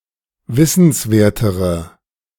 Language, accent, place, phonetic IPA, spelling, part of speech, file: German, Germany, Berlin, [ˈvɪsn̩sˌveːɐ̯təʁə], wissenswertere, adjective, De-wissenswertere.ogg
- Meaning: inflection of wissenswert: 1. strong/mixed nominative/accusative feminine singular comparative degree 2. strong nominative/accusative plural comparative degree